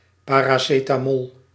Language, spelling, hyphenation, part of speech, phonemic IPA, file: Dutch, paracetamol, pa‧ra‧ce‧ta‧mol, noun, /ˌpaːraːˌseːtaːˈmɔl/, Nl-paracetamol.ogg
- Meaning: acetaminophen (white crystalline compound used in medicine as an anodyne to relieve pain and reduce fever)